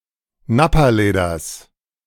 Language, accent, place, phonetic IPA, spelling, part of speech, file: German, Germany, Berlin, [ˈnapaˌleːdɐs], Nappaleders, noun, De-Nappaleders.ogg
- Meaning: genitive singular of Nappaleder